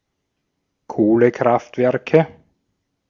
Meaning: nominative/accusative/genitive plural of Kohlekraftwerk
- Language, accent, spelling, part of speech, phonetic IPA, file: German, Austria, Kohlekraftwerke, noun, [ˈkoːləˌkʁaftvɛʁkə], De-at-Kohlekraftwerke.ogg